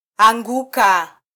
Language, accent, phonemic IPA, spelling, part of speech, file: Swahili, Kenya, /ɑˈᵑɡu.kɑ/, anguka, verb, Sw-ke-anguka.flac
- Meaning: 1. to fall, fall down 2. to crash (of an aeroplane)